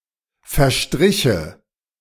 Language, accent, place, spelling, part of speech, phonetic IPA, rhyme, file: German, Germany, Berlin, verstriche, verb, [fɛɐ̯ˈʃtʁɪçə], -ɪçə, De-verstriche.ogg
- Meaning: first/third-person singular subjunctive II of verstreichen